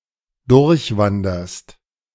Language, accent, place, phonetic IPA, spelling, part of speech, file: German, Germany, Berlin, [ˈdʊʁçˌvandɐst], durchwanderst, verb, De-durchwanderst.ogg
- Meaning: second-person singular present of durchwandern